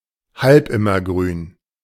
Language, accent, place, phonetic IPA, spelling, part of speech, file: German, Germany, Berlin, [ˈhalpˌɪmɐˌɡʁyːn], halbimmergrün, adjective, De-halbimmergrün.ogg
- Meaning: semideciduous